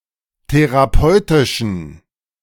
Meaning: inflection of therapeutisch: 1. strong genitive masculine/neuter singular 2. weak/mixed genitive/dative all-gender singular 3. strong/weak/mixed accusative masculine singular 4. strong dative plural
- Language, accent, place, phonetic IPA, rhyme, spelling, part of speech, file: German, Germany, Berlin, [teʁaˈpɔɪ̯tɪʃn̩], -ɔɪ̯tɪʃn̩, therapeutischen, adjective, De-therapeutischen.ogg